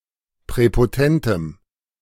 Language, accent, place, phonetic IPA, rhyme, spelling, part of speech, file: German, Germany, Berlin, [pʁɛpoˈtɛntəm], -ɛntəm, präpotentem, adjective, De-präpotentem.ogg
- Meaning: strong dative masculine/neuter singular of präpotent